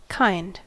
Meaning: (noun) 1. A type, race or category; a group of entities that have common characteristics such that they may be grouped together 2. A makeshift or otherwise atypical specimen
- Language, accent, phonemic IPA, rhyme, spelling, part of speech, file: English, US, /kaɪnd/, -aɪnd, kind, noun / adjective, En-us-kind.ogg